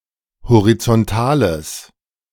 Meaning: strong/mixed nominative/accusative neuter singular of horizontal
- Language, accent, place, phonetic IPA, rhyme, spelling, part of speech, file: German, Germany, Berlin, [hoʁit͡sɔnˈtaːləs], -aːləs, horizontales, adjective, De-horizontales.ogg